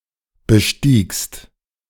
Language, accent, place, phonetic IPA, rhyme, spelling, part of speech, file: German, Germany, Berlin, [bəˈʃtiːkst], -iːkst, bestiegst, verb, De-bestiegst.ogg
- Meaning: second-person singular preterite of besteigen